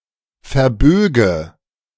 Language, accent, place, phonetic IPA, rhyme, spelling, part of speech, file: German, Germany, Berlin, [fɛɐ̯ˈbøːɡə], -øːɡə, verböge, verb, De-verböge.ogg
- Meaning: first/third-person singular subjunctive II of verbiegen